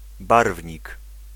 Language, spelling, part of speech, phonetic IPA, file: Polish, barwnik, noun, [ˈbarvʲɲik], Pl-barwnik.ogg